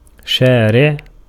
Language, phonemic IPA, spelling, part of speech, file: Arabic, /ʃaː.riʕ/, شارع, noun, Ar-شارع.ogg
- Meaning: 1. street 2. legislator